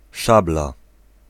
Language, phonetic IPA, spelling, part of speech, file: Polish, [ˈʃabla], szabla, noun, Pl-szabla.ogg